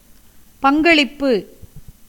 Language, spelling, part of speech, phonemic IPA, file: Tamil, பங்களிப்பு, noun, /pɐŋɡɐɭɪpːɯ/, Ta-பங்களிப்பு.ogg
- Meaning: contribution